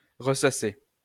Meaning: 1. to sieve again 2. to think constantly about the same things 3. to repeat oneself
- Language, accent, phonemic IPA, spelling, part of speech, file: French, France, /ʁə.sa.se/, ressasser, verb, LL-Q150 (fra)-ressasser.wav